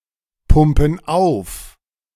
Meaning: inflection of aufpumpen: 1. first/third-person plural present 2. first/third-person plural subjunctive I
- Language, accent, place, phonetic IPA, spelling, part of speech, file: German, Germany, Berlin, [ˌpʊmpn̩ ˈaʊ̯f], pumpen auf, verb, De-pumpen auf.ogg